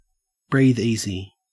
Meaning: To relax or feel secure about something
- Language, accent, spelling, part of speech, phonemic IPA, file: English, Australia, breathe easy, verb, /ˌbrið ˈizi/, En-au-breathe easy.ogg